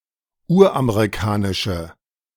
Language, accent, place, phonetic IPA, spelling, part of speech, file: German, Germany, Berlin, [ˈuːɐ̯ʔameʁiˌkaːnɪʃə], uramerikanische, adjective, De-uramerikanische.ogg
- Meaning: inflection of uramerikanisch: 1. strong/mixed nominative/accusative feminine singular 2. strong nominative/accusative plural 3. weak nominative all-gender singular